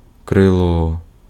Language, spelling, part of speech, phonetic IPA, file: Ukrainian, крило, noun, [kreˈɫɔ], Uk-крило.ogg
- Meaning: wing